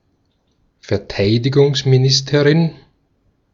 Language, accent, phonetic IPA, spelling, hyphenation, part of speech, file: German, Austria, [fɛɐ̯ˈtaɪ̯dɪɡʊŋsmiˌnɪstəʁɪn], Verteidigungsministerin, Ver‧tei‧di‧gungs‧mi‧nis‧te‧rin, noun, De-at-Verteidigungsministerin.ogg
- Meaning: A female minister of defence